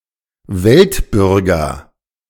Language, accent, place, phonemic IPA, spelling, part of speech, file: German, Germany, Berlin, /ˈvɛltˌbʏʁɡɐ/, Weltbürger, noun, De-Weltbürger.ogg
- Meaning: cosmopolite